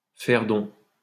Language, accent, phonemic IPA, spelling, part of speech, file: French, France, /fɛʁ dɔ̃/, faire don, verb, LL-Q150 (fra)-faire don.wav
- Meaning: to make a gift of something to someone